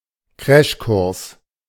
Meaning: crash course
- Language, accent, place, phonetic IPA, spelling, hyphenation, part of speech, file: German, Germany, Berlin, [ˈkʀɛʃˌkʊʁs], Crashkurs, Crash‧kurs, noun, De-Crashkurs.ogg